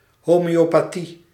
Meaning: Homeopathy: a pseudomedical method invented by Hahnemann based on analogies between symptoms and remedies, using extremely diluted doses
- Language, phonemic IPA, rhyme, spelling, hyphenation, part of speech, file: Dutch, /ˌɦoː.meː.oː.paːˈti/, -i, homeopathie, ho‧meo‧pa‧thie, noun, Nl-homeopathie.ogg